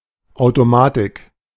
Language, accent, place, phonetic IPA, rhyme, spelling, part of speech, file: German, Germany, Berlin, [ˌaʊ̯toˈmaːtɪk], -atɪk, Automatik, noun, De-Automatik.ogg
- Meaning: 1. self-controlled system, an automatic or self-regulating process 2. device or module that regulates a technical process without requiring further user input